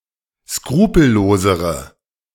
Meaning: inflection of skrupellos: 1. strong/mixed nominative/accusative feminine singular comparative degree 2. strong nominative/accusative plural comparative degree
- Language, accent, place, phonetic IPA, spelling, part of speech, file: German, Germany, Berlin, [ˈskʁuːpl̩ˌloːzəʁə], skrupellosere, adjective, De-skrupellosere.ogg